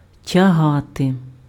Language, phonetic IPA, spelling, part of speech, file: Ukrainian, [tʲɐˈɦate], тягати, verb, Uk-тягати.ogg
- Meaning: to drag, to pull